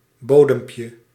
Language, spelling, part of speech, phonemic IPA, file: Dutch, bodempje, noun, /ˈbodəmpjə/, Nl-bodempje.ogg
- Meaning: diminutive of bodem